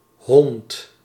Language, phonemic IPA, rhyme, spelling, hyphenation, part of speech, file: Dutch, /ɦɔnt/, -ɔnt, hond, hond, noun, Nl-hond.ogg
- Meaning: 1. dog (Canis lupus familiaris) 2. A derogatory term for a human; a reprehensible person 3. an old unit of area measuring 100 roeden, approximately 0.14 hectares